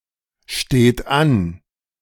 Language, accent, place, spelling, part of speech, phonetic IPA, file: German, Germany, Berlin, steht an, verb, [ˌʃteːt ˈan], De-steht an.ogg
- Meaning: inflection of anstehen: 1. third-person singular present 2. second-person plural present 3. plural imperative